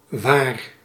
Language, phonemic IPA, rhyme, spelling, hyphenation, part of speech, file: Dutch, /ʋaːr/, -aːr, waar, waar, adverb / adjective / noun / verb, Nl-waar.ogg
- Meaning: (adverb) 1. where, in which place 2. where, the place that 3. pronominal adverb form of wat: what, which thing 4. pronominal adverb form of wat: what, that which 5. pronominal adverb form of wie; who